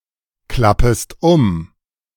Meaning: second-person singular subjunctive I of umklappen
- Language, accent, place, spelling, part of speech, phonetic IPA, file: German, Germany, Berlin, klappest um, verb, [ˌklapəst ˈʊm], De-klappest um.ogg